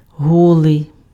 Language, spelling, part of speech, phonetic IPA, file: Ukrainian, голий, adjective, [ˈɦɔɫei̯], Uk-голий.ogg
- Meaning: nude, naked, bare